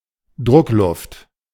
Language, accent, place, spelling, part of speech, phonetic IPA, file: German, Germany, Berlin, Druckluft, noun, [ˈdʁʊkˌlʊft], De-Druckluft.ogg
- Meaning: compressed air